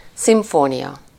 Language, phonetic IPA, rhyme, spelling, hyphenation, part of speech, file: Hungarian, [ˈsiɱfoːnijɒ], -jɒ, szimfónia, szim‧fó‧nia, noun, Hu-szimfónia.ogg
- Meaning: symphony